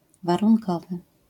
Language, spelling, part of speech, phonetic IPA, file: Polish, warunkowy, adjective, [ˌvarũŋˈkɔvɨ], LL-Q809 (pol)-warunkowy.wav